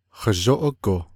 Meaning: carefully, slowly, cautiously
- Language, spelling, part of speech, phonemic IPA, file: Navajo, hazhóʼógo, adverb, /hɑ̀ʒóʔókò/, Nv-hazhóʼógo.ogg